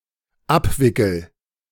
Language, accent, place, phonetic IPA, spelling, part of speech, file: German, Germany, Berlin, [ˈapˌvɪkl̩], abwickel, verb, De-abwickel.ogg
- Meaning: first-person singular dependent present of abwickeln